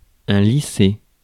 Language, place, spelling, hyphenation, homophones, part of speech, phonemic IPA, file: French, Paris, lycée, ly‧cée, lycées / lissé / lissés, noun / adjective, /li.se/, Fr-lycée.ogg
- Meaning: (noun) a public secondary school; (adjective) Lyceus, Lycean (epithet of Apollo)